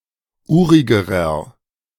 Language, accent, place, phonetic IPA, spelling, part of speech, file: German, Germany, Berlin, [ˈuːʁɪɡəʁɐ], urigerer, adjective, De-urigerer.ogg
- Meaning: inflection of urig: 1. strong/mixed nominative masculine singular comparative degree 2. strong genitive/dative feminine singular comparative degree 3. strong genitive plural comparative degree